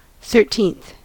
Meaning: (adjective) The ordinal form of the number thirteen; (noun) 1. The person or thing in the thirteenth position 2. One of thirteen equal parts of a whole 3. The interval comprising an octave and a sixth
- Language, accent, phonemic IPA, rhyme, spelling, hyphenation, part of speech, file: English, US, /ˌθɝˈtiːnθ/, -iːnθ, thirteenth, thir‧teenth, adjective / noun, En-us-thirteenth.ogg